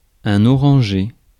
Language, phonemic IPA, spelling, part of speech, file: French, /ɔ.ʁɑ̃.ʒe/, oranger, noun / verb, Fr-oranger.ogg
- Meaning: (noun) orange tree; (verb) to make orange in color